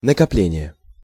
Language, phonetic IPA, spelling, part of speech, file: Russian, [nəkɐˈplʲenʲɪje], накопление, noun, Ru-накопление.ogg
- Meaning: 1. accumulation; cumulation 2. accumulated funds, savings